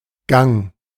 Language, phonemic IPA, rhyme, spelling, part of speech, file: German, /ɡaŋ/, -aŋ, Gang, noun, De-Gang.ogg
- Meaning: 1. motion, movement, progress, way, going 2. gait, way (someone walks), an instance of walking 3. course (of events) 4. hallway, corridor; aisle (in a supermarket)